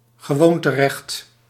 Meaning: customary law
- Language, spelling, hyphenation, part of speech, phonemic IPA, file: Dutch, gewoonterecht, ge‧woon‧te‧recht, noun, /ɣəˈʋoːn.təˌrɛxt/, Nl-gewoonterecht.ogg